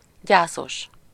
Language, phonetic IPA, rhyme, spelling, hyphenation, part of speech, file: Hungarian, [ˈɟaːsoʃ], -oʃ, gyászos, gyá‧szos, adjective, Hu-gyászos.ogg
- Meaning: 1. mournful, sorrowful, lugubrious 2. miserable